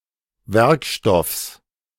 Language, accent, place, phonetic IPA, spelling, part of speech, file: German, Germany, Berlin, [ˈvɛʁkˌʃtɔfs], Werkstoffs, noun, De-Werkstoffs.ogg
- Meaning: genitive singular of Werkstoff